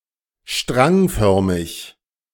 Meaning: composed of strands
- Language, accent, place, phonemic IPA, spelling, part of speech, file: German, Germany, Berlin, /ˈʃtʁaŋˌfœʁmɪç/, strangförmig, adjective, De-strangförmig.ogg